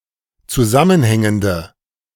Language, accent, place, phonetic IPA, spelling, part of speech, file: German, Germany, Berlin, [t͡suˈzamənˌhɛŋəndə], zusammenhängende, adjective, De-zusammenhängende.ogg
- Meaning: inflection of zusammenhängend: 1. strong/mixed nominative/accusative feminine singular 2. strong nominative/accusative plural 3. weak nominative all-gender singular